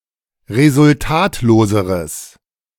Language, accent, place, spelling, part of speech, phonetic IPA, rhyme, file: German, Germany, Berlin, resultatloseres, adjective, [ʁezʊlˈtaːtloːzəʁəs], -aːtloːzəʁəs, De-resultatloseres.ogg
- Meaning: strong/mixed nominative/accusative neuter singular comparative degree of resultatlos